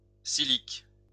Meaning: 1. silique, a long dry fruit (seed capsule) 2. siliqua, small coin used in Roman currency 3. siliqua, ancient weight equivalent to carat
- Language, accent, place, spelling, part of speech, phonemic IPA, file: French, France, Lyon, silique, noun, /si.lik/, LL-Q150 (fra)-silique.wav